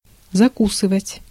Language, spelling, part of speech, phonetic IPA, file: Russian, закусывать, verb, [zɐˈkusɨvətʲ], Ru-закусывать.ogg
- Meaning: 1. to bite 2. to have a snack, to get a bite, to eat 3. to take (with)